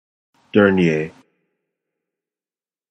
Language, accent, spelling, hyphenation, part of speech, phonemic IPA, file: English, General American, dernier, der‧nier, adjective, /ˈdɜɹnjeɪ/, En-us-dernier.flac
- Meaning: Final, last